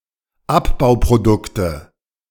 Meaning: nominative/accusative/genitive plural of Abbauprodukt
- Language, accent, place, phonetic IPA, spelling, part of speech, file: German, Germany, Berlin, [ˈapbaʊ̯pʁoˌdʊktə], Abbauprodukte, noun, De-Abbauprodukte.ogg